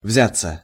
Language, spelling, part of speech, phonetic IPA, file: Russian, взяться, verb, [ˈvzʲat͡sːə], Ru-взяться.ogg
- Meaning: 1. to take something with hands, to take (mutually, together) (e.g. each other's hands) 2. to set about; to undertake 3. to appear, to emerge 4. passive of взять (vzjatʹ)